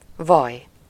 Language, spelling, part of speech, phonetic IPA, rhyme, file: Hungarian, vaj, noun / interjection, [ˈvɒj], -ɒj, Hu-vaj.ogg
- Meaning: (noun) butter (a soft, fatty foodstuff made by churning the cream of milk (generally cow's milk))